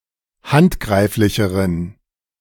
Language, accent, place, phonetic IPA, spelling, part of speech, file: German, Germany, Berlin, [ˈhantˌɡʁaɪ̯flɪçəʁən], handgreiflicheren, adjective, De-handgreiflicheren.ogg
- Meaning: inflection of handgreiflich: 1. strong genitive masculine/neuter singular comparative degree 2. weak/mixed genitive/dative all-gender singular comparative degree